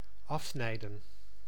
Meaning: 1. to cut off 2. to swerve a vehicle in front of (someone, another vehicle), causing hindrance; to cut off 3. to take a shortcut
- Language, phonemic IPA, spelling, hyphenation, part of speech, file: Dutch, /ˈɑfˌsnɛi̯.də(n)/, afsnijden, af‧snij‧den, verb, Nl-afsnijden.ogg